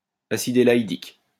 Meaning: elaidic acid
- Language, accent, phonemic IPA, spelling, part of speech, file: French, France, /a.sid e.la.i.dik/, acide élaïdique, noun, LL-Q150 (fra)-acide élaïdique.wav